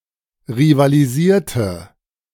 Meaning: inflection of rivalisieren: 1. first/third-person singular preterite 2. first/third-person singular subjunctive II
- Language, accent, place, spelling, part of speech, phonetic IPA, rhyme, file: German, Germany, Berlin, rivalisierte, verb, [ʁivaliˈziːɐ̯tə], -iːɐ̯tə, De-rivalisierte.ogg